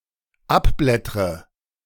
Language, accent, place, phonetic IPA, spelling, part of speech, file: German, Germany, Berlin, [ˈapˌblɛtʁə], abblättre, verb, De-abblättre.ogg
- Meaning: inflection of abblättern: 1. first-person singular dependent present 2. first/third-person singular dependent subjunctive I